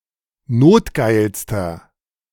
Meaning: inflection of notgeil: 1. strong/mixed nominative masculine singular superlative degree 2. strong genitive/dative feminine singular superlative degree 3. strong genitive plural superlative degree
- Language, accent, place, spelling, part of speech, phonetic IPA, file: German, Germany, Berlin, notgeilster, adjective, [ˈnoːtˌɡaɪ̯lstɐ], De-notgeilster.ogg